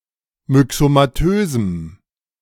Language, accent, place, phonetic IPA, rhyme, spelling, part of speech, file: German, Germany, Berlin, [mʏksomaˈtøːzm̩], -øːzm̩, myxomatösem, adjective, De-myxomatösem.ogg
- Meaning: strong dative masculine/neuter singular of myxomatös